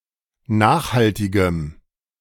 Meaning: strong dative masculine/neuter singular of nachhaltig
- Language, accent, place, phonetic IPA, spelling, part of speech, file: German, Germany, Berlin, [ˈnaːxhaltɪɡəm], nachhaltigem, adjective, De-nachhaltigem.ogg